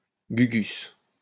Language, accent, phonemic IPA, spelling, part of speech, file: French, France, /ɡy.ɡys/, gugus, noun, LL-Q150 (fra)-gugus.wav
- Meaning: fool, clown